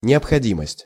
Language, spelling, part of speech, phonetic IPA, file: Russian, необходимость, noun, [nʲɪəpxɐˈdʲiməsʲtʲ], Ru-необходимость.ogg
- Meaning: necessity, need